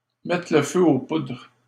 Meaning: to spark off a crisis, to spark things off, to stir up a hornets' nest, to light the touch paper
- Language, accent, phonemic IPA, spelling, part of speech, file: French, Canada, /mɛ.tʁə l(ə) fø o pudʁ/, mettre le feu aux poudres, verb, LL-Q150 (fra)-mettre le feu aux poudres.wav